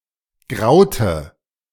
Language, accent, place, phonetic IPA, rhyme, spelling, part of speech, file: German, Germany, Berlin, [ˈɡʁaʊ̯tə], -aʊ̯tə, graute, verb, De-graute.ogg
- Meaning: inflection of grauen: 1. first/third-person singular preterite 2. first/third-person singular subjunctive II